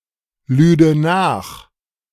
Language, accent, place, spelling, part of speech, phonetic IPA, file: German, Germany, Berlin, lüde nach, verb, [ˌlyːdə ˈnaːx], De-lüde nach.ogg
- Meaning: first/third-person singular subjunctive II of nachladen